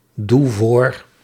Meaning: inflection of voordoen: 1. first-person singular present indicative 2. second-person singular present indicative 3. imperative 4. singular present subjunctive
- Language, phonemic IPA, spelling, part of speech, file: Dutch, /ˈdu ˈvor/, doe voor, verb, Nl-doe voor.ogg